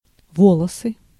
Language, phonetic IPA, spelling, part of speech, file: Russian, [ˈvoɫəsɨ], волосы, noun, Ru-волосы.ogg
- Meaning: 1. hair 2. nominative/accusative plural of во́лос (vólos)